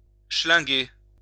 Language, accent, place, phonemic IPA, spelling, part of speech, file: French, France, Lyon, /ʃlɛ̃.ɡe/, schlinguer, verb, LL-Q150 (fra)-schlinguer.wav
- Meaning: alternative spelling of chlinguer